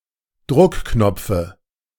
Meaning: dative singular of Druckknopf
- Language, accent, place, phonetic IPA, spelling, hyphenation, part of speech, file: German, Germany, Berlin, [ˈdʁʊkˌknɔp͡fə], Druckknopfe, Druck‧knop‧fe, noun, De-Druckknopfe.ogg